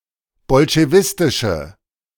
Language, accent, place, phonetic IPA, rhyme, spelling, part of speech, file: German, Germany, Berlin, [bɔlʃeˈvɪstɪʃə], -ɪstɪʃə, bolschewistische, adjective, De-bolschewistische.ogg
- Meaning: inflection of bolschewistisch: 1. strong/mixed nominative/accusative feminine singular 2. strong nominative/accusative plural 3. weak nominative all-gender singular